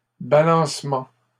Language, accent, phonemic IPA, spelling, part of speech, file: French, Canada, /ba.lɑ̃s.mɑ̃/, balancement, noun, LL-Q150 (fra)-balancement.wav
- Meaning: 1. rocking, swaying 2. equilibrium, balance